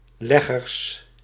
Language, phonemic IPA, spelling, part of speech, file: Dutch, /ˈlɛɣərs/, leggers, noun, Nl-leggers.ogg
- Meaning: plural of legger